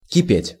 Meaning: 1. to boil, to seethe 2. to boil, to rage, to seethe, to burn (in terms of emotions) 3. to be in full swing (in terms of action)
- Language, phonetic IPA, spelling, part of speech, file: Russian, [kʲɪˈpʲetʲ], кипеть, verb, Ru-кипеть.ogg